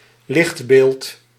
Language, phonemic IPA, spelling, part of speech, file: Dutch, /ˈlɪx(t)belt/, lichtbeeld, noun, Nl-lichtbeeld.ogg
- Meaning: slide